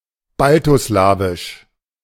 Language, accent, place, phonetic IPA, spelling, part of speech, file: German, Germany, Berlin, [ˈbaltoˌslaːvɪʃ], baltoslawisch, adjective, De-baltoslawisch.ogg
- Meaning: Balto-Slavic